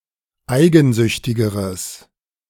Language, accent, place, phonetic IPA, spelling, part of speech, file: German, Germany, Berlin, [ˈaɪ̯ɡn̩ˌzʏçtɪɡəʁəs], eigensüchtigeres, adjective, De-eigensüchtigeres.ogg
- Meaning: strong/mixed nominative/accusative neuter singular comparative degree of eigensüchtig